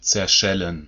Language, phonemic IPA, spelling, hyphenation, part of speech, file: German, /ˌt͡sɛɐ̯ˈʃɛlən/, zerschellen, zer‧schel‧len, verb, De-zerschellen.ogg
- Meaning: to break into pieces